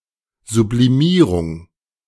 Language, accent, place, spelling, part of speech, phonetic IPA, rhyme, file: German, Germany, Berlin, Sublimierung, noun, [zubliˈmiːʁʊŋ], -iːʁʊŋ, De-Sublimierung.ogg
- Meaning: sublimation